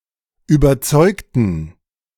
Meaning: inflection of überzeugen: 1. first/third-person plural preterite 2. first/third-person plural subjunctive II
- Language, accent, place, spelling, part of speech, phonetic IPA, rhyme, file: German, Germany, Berlin, überzeugten, adjective / verb, [yːbɐˈt͡sɔɪ̯ktn̩], -ɔɪ̯ktn̩, De-überzeugten.ogg